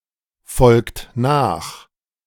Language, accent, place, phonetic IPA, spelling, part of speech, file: German, Germany, Berlin, [ˌfɔlkt ˈnaːx], folgt nach, verb, De-folgt nach.ogg
- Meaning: inflection of nachfolgen: 1. third-person singular present 2. second-person plural present 3. plural imperative